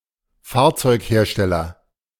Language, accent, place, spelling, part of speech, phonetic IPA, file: German, Germany, Berlin, Fahrzeughersteller, noun, [ˈfaːɐ̯t͡sɔɪ̯kˌheːɐ̯ʃtɛlɐ], De-Fahrzeughersteller.ogg
- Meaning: vehicle manufacturer